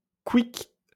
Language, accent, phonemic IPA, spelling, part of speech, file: French, France, /kwik/, couic, interjection, LL-Q150 (fra)-couic.wav
- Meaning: (to express sudden death or destruction)